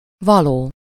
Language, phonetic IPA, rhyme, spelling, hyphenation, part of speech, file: Hungarian, [ˈvɒloː], -loː, való, va‧ló, adjective / particle / noun, Hu-való.ogg
- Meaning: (adjective) 1. meant, supposed, intended (to be somewhere or in some way) 2. fitting, suitable, appropriate (followed by -nak/-nek or -hoz/-hez/-höz) 3. real